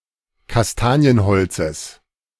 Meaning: genitive singular of Kastanienholz
- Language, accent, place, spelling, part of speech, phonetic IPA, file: German, Germany, Berlin, Kastanienholzes, noun, [kasˈtaːni̯ənˌhɔlt͡səs], De-Kastanienholzes.ogg